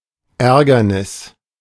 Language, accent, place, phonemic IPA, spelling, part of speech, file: German, Germany, Berlin, /ˈʔɛɐ̯ɡɐnɪs/, Ärgernis, noun, De-Ärgernis.ogg
- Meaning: nuisance, annoyance